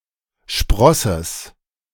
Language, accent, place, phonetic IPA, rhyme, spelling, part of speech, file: German, Germany, Berlin, [ˈʃpʁɔsəs], -ɔsəs, Sprosses, noun, De-Sprosses.ogg
- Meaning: genitive of Spross